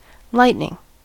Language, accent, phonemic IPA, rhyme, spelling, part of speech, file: English, US, /ˈlaɪt.nɪŋ/, -aɪtnɪŋ, lightning, noun / adjective / verb, En-us-lightning.ogg
- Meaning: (noun) 1. A flash of light produced by short-duration, high-voltage discharge of electricity within a cloud, between clouds, or between a cloud and the earth 2. A discharge of this kind